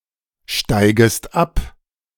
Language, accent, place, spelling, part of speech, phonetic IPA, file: German, Germany, Berlin, steigest ab, verb, [ˌʃtaɪ̯ɡəst ˈap], De-steigest ab.ogg
- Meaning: second-person singular subjunctive I of absteigen